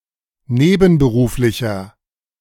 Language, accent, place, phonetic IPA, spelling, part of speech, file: German, Germany, Berlin, [ˈneːbn̩bəˌʁuːflɪçɐ], nebenberuflicher, adjective, De-nebenberuflicher.ogg
- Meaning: inflection of nebenberuflich: 1. strong/mixed nominative masculine singular 2. strong genitive/dative feminine singular 3. strong genitive plural